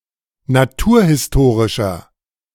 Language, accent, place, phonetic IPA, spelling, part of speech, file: German, Germany, Berlin, [naˈtuːɐ̯hɪsˌtoːʁɪʃɐ], naturhistorischer, adjective, De-naturhistorischer.ogg
- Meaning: inflection of naturhistorisch: 1. strong/mixed nominative masculine singular 2. strong genitive/dative feminine singular 3. strong genitive plural